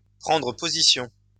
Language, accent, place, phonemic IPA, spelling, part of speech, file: French, France, Lyon, /pʁɑ̃.dʁə po.zi.sjɔ̃/, prendre position, verb, LL-Q150 (fra)-prendre position.wav
- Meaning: 1. to take position, to assume position 2. to take a stand, to make a stand